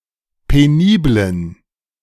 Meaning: inflection of penibel: 1. strong genitive masculine/neuter singular 2. weak/mixed genitive/dative all-gender singular 3. strong/weak/mixed accusative masculine singular 4. strong dative plural
- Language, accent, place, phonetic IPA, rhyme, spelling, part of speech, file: German, Germany, Berlin, [peˈniːblən], -iːblən, peniblen, adjective, De-peniblen.ogg